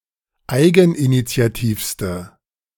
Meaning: inflection of eigeninitiativ: 1. strong/mixed nominative/accusative feminine singular superlative degree 2. strong nominative/accusative plural superlative degree
- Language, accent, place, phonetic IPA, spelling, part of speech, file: German, Germany, Berlin, [ˈaɪ̯ɡn̩ʔinit͡si̯aˌtiːfstə], eigeninitiativste, adjective, De-eigeninitiativste.ogg